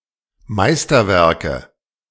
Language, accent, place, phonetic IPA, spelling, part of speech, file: German, Germany, Berlin, [ˈmaɪ̯stɐˌvɛʁkə], Meisterwerke, noun, De-Meisterwerke.ogg
- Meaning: nominative/accusative/genitive plural of Meisterwerk